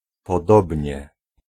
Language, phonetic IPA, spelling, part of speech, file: Polish, [pɔˈdɔbʲɲɛ], podobnie, adverb, Pl-podobnie.ogg